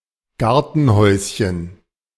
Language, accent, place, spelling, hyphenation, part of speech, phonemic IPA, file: German, Germany, Berlin, Gartenhäuschen, Gar‧ten‧häus‧chen, noun, /ˈɡaʁtənˌhɔʏ̯sçən/, De-Gartenhäuschen.ogg
- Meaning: diminutive of Gartenhaus